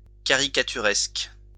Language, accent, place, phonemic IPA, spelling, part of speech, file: French, France, Lyon, /ka.ʁi.ka.ty.ʁɛsk/, caricaturesque, adjective, LL-Q150 (fra)-caricaturesque.wav
- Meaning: caricaturesque